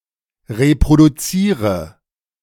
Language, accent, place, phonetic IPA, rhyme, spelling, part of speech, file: German, Germany, Berlin, [ʁepʁoduˈt͡siːʁə], -iːʁə, reproduziere, verb, De-reproduziere.ogg
- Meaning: inflection of reproduzieren: 1. first-person singular present 2. first/third-person singular subjunctive I 3. singular imperative